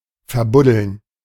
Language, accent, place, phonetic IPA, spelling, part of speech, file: German, Germany, Berlin, [fɛɐ̯ˈbʊdl̩n], verbuddeln, verb, De-verbuddeln.ogg
- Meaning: to bury